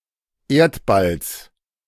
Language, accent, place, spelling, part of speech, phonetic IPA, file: German, Germany, Berlin, Erdballs, noun, [ˈeːɐ̯tbals], De-Erdballs.ogg
- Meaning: genitive of Erdball